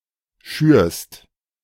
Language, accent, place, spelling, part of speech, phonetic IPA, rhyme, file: German, Germany, Berlin, schürst, verb, [ʃyːɐ̯st], -yːɐ̯st, De-schürst.ogg
- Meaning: second-person singular present of schüren